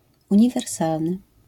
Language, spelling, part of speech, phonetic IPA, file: Polish, uniwersalny, adjective, [ˌũɲivɛrˈsalnɨ], LL-Q809 (pol)-uniwersalny.wav